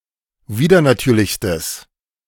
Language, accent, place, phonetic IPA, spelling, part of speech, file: German, Germany, Berlin, [ˈviːdɐnaˌtyːɐ̯lɪçstəs], widernatürlichstes, adjective, De-widernatürlichstes.ogg
- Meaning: strong/mixed nominative/accusative neuter singular superlative degree of widernatürlich